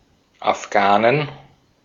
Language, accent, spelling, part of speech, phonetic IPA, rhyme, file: German, Austria, Afghanen, noun, [afˈɡaːnən], -aːnən, De-at-Afghanen.ogg
- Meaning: plural of Afghane